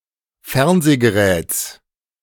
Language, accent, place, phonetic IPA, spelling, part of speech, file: German, Germany, Berlin, [ˈfɛʁnzeːɡəˌʁɛːt͡s], Fernsehgeräts, noun, De-Fernsehgeräts.ogg
- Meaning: genitive singular of Fernsehgerät